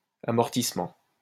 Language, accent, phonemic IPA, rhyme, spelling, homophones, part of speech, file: French, France, /a.mɔʁ.tis.mɑ̃/, -ɑ̃, amortissement, amortissements, noun, LL-Q150 (fra)-amortissement.wav
- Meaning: 1. amortizement 2. cushioning, softening, or deafening of a sound or impact